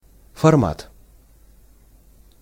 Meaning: size, format
- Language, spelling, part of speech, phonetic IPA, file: Russian, формат, noun, [fɐrˈmat], Ru-формат.ogg